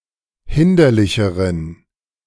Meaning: inflection of hinderlich: 1. strong genitive masculine/neuter singular comparative degree 2. weak/mixed genitive/dative all-gender singular comparative degree
- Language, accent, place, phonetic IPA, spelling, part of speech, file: German, Germany, Berlin, [ˈhɪndɐlɪçəʁən], hinderlicheren, adjective, De-hinderlicheren.ogg